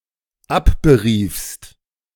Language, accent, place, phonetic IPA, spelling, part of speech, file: German, Germany, Berlin, [ˈapbəˌʁiːfst], abberiefst, verb, De-abberiefst.ogg
- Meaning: second-person singular dependent preterite of abberufen